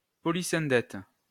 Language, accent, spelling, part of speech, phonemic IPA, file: French, France, polysyndète, noun, /pɔ.li.sɛ̃.dɛt/, LL-Q150 (fra)-polysyndète.wav
- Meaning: polysyndeton